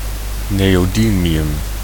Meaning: neodymium
- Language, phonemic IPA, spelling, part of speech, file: Dutch, /ˌnejoˈdimiˌjʏm/, neodymium, noun, Nl-neodymium.ogg